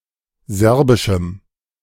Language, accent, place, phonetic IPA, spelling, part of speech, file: German, Germany, Berlin, [ˈzɛʁbɪʃm̩], serbischem, adjective, De-serbischem.ogg
- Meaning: strong dative masculine/neuter singular of serbisch